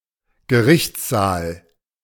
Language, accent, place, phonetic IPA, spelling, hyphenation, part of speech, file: German, Germany, Berlin, [ɡəˈʁɪçt͡sˌzaːl], Gerichtssaal, Ge‧richts‧saal, noun, De-Gerichtssaal.ogg
- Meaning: courtroom